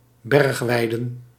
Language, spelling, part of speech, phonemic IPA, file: Dutch, bergweiden, noun, /ˈbɛrᵊxˌwɛidə(n)/, Nl-bergweiden.ogg
- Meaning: plural of bergweide